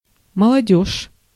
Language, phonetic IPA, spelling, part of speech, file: Russian, [məɫɐˈdʲɵʂ], молодёжь, noun, Ru-молодёжь.ogg
- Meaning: the young, youth, young people (collective)